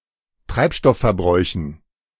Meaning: dative plural of Treibstoffverbrauch
- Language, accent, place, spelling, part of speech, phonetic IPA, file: German, Germany, Berlin, Treibstoffverbräuchen, noun, [ˈtʁaɪ̯pˌʃtɔffɛɐ̯ˌbʁɔɪ̯çn̩], De-Treibstoffverbräuchen.ogg